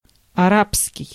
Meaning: 1. Arabic, Arabian 2. Arab
- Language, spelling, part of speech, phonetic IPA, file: Russian, арабский, adjective, [ɐˈrapskʲɪj], Ru-арабский.ogg